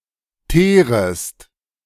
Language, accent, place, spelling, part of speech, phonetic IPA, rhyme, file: German, Germany, Berlin, teerest, verb, [ˈteːʁəst], -eːʁəst, De-teerest.ogg
- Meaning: second-person singular subjunctive I of teeren